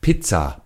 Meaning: pizza
- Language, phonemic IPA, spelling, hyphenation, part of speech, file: German, /ˈpɪtsa/, Pizza, Piz‧za, noun, De-Pizza.ogg